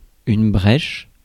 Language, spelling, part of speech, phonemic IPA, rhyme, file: French, brèche, noun, /bʁɛʃ/, -ɛʃ, Fr-brèche.ogg
- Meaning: 1. gap, hole 2. breach